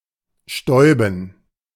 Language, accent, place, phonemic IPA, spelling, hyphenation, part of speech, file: German, Germany, Berlin, /ˈʃtɔɪ̯bn̩/, stäuben, stäu‧ben, verb, De-stäuben.ogg
- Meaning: to dust (cover with fine powder or liquid)